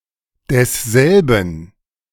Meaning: 1. masculine genitive singular of derselbe 2. neuter genitive singular of derselbe
- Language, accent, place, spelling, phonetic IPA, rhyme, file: German, Germany, Berlin, desselben, [dɛsˈzɛlbn̩], -ɛlbn̩, De-desselben.ogg